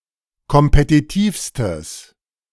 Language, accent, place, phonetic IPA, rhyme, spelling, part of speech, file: German, Germany, Berlin, [kɔmpetiˈtiːfstəs], -iːfstəs, kompetitivstes, adjective, De-kompetitivstes.ogg
- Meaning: strong/mixed nominative/accusative neuter singular superlative degree of kompetitiv